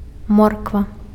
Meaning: carrots (roots of the plant used for eating)
- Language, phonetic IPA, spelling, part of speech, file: Belarusian, [ˈmorkva], морква, noun, Be-морква.ogg